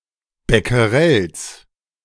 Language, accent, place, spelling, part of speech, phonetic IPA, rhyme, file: German, Germany, Berlin, Becquerels, noun, [bɛkəˈʁɛls], -ɛls, De-Becquerels.ogg
- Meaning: genitive singular of Becquerel